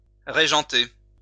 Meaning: to dictate, (seek to) dominate
- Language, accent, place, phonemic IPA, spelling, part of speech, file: French, France, Lyon, /ʁe.ʒɑ̃.te/, régenter, verb, LL-Q150 (fra)-régenter.wav